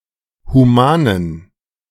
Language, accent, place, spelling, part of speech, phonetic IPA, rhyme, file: German, Germany, Berlin, humanen, adjective, [huˈmaːnən], -aːnən, De-humanen.ogg
- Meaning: inflection of human: 1. strong genitive masculine/neuter singular 2. weak/mixed genitive/dative all-gender singular 3. strong/weak/mixed accusative masculine singular 4. strong dative plural